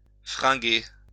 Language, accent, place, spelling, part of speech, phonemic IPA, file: French, France, Lyon, fringuer, verb, /fʁɛ̃.ɡe/, LL-Q150 (fra)-fringuer.wav
- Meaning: to dress